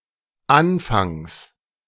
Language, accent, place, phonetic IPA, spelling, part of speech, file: German, Germany, Berlin, [ˈanfaŋs], Anfangs, noun, De-Anfangs.ogg
- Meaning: genitive singular of Anfang